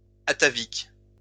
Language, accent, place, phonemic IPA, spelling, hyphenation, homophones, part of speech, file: French, France, Lyon, /a.ta.vik/, atavique, a‧ta‧vique, ataviques, adjective, LL-Q150 (fra)-atavique.wav
- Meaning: atavistic